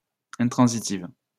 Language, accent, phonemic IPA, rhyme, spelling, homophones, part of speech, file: French, France, /ɛ̃.tʁɑ̃.zi.tiv/, -iv, intransitive, intransitives, adjective, LL-Q150 (fra)-intransitive.wav
- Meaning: feminine singular of intransitif